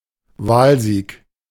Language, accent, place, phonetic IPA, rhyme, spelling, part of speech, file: German, Germany, Berlin, [ˈvaːlˌziːk], -aːlziːk, Wahlsieg, noun, De-Wahlsieg.ogg
- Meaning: election victory, election win